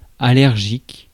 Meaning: allergic (having an allergy)
- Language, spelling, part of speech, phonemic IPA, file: French, allergique, adjective, /a.lɛʁ.ʒik/, Fr-allergique.ogg